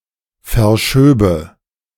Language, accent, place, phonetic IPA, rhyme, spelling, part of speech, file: German, Germany, Berlin, [fɛɐ̯ˈʃøːbə], -øːbə, verschöbe, verb, De-verschöbe.ogg
- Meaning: first/third-person singular subjunctive II of verschieben